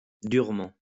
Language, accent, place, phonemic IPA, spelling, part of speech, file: French, France, Lyon, /dyʁ.mɑ̃/, durement, adverb, LL-Q150 (fra)-durement.wav
- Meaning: 1. sternly, harshly 2. with difficulty